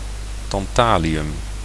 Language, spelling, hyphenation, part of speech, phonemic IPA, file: Dutch, tantalium, tan‧ta‧li‧um, noun, /tɑnˈtaliˌjʏm/, Nl-tantalium.ogg
- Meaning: tantalum